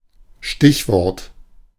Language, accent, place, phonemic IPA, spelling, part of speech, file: German, Germany, Berlin, /ˈʃtɪçˌvɔʁt/, Stichwort, noun, De-Stichwort.ogg
- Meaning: 1. keyword 2. headword